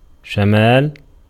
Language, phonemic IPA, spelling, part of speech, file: Arabic, /ʃa.maːl/, شمال, noun, Ar-شمال.ogg
- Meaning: 1. north 2. north wind